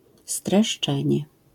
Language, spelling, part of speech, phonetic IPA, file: Polish, streszczenie, noun, [strɛʃˈt͡ʃɛ̃ɲɛ], LL-Q809 (pol)-streszczenie.wav